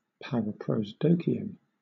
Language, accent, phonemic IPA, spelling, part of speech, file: English, Southern England, /ˌpæɹəˌpɹoʊsˈdoʊkiən/, paraprosdokian, noun, LL-Q1860 (eng)-paraprosdokian.wav
- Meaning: A figure of speech in which the latter part of a sentence or phrase is surprising or unexpected in a way that causes the reader or listener to reframe or reinterpret the first part